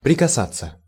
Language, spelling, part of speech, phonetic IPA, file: Russian, прикасаться, verb, [prʲɪkɐˈsat͡sːə], Ru-прикасаться.ogg
- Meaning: to touch (make physical contact with)